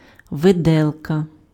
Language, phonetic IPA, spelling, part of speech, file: Ukrainian, [ʋeˈdɛɫkɐ], виделка, noun, Uk-виделка.ogg
- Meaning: fork